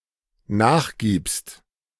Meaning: second-person singular dependent present of nachgeben
- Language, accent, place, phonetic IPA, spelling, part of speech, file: German, Germany, Berlin, [ˈnaːxˌɡiːpst], nachgibst, verb, De-nachgibst.ogg